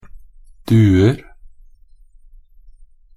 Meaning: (noun) indefinite plural of due; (verb) present of due
- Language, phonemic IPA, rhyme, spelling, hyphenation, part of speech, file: Norwegian Bokmål, /ˈdʉːər/, -ər, duer, du‧er, noun / verb, Nb-duer.ogg